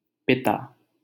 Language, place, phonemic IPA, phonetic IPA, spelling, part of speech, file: Hindi, Delhi, /pɪ.t̪ɑː/, [pɪ.t̪äː], पिता, noun, LL-Q1568 (hin)-पिता.wav
- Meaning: father